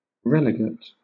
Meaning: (noun) A person who has been banished from proximity to Rome for a set time, but without losing his civil rights; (adjective) Relegated; exiled
- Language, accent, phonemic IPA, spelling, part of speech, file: English, Southern England, /ˈɹɛlɪɡət/, relegate, noun / adjective, LL-Q1860 (eng)-relegate.wav